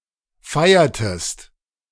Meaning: inflection of feiern: 1. second-person singular preterite 2. second-person singular subjunctive II
- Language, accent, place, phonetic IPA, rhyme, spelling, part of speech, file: German, Germany, Berlin, [ˈfaɪ̯ɐtəst], -aɪ̯ɐtəst, feiertest, verb, De-feiertest.ogg